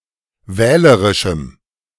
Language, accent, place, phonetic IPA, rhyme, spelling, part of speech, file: German, Germany, Berlin, [ˈvɛːləʁɪʃm̩], -ɛːləʁɪʃm̩, wählerischem, adjective, De-wählerischem.ogg
- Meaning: strong dative masculine/neuter singular of wählerisch